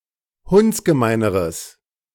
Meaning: strong/mixed nominative/accusative neuter singular comparative degree of hundsgemein
- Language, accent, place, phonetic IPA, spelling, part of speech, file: German, Germany, Berlin, [ˈhʊnt͡sɡəˌmaɪ̯nəʁəs], hundsgemeineres, adjective, De-hundsgemeineres.ogg